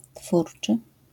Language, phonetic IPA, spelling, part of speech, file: Polish, [ˈtfurt͡ʃɨ], twórczy, adjective, LL-Q809 (pol)-twórczy.wav